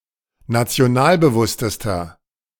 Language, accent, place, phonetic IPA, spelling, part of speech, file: German, Germany, Berlin, [nat͡si̯oˈnaːlbəˌvʊstəstɐ], nationalbewusstester, adjective, De-nationalbewusstester.ogg
- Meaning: inflection of nationalbewusst: 1. strong/mixed nominative masculine singular superlative degree 2. strong genitive/dative feminine singular superlative degree